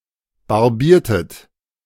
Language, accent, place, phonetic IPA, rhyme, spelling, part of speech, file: German, Germany, Berlin, [baʁˈbiːɐ̯tət], -iːɐ̯tət, barbiertet, verb, De-barbiertet.ogg
- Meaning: inflection of barbieren: 1. second-person plural preterite 2. second-person plural subjunctive II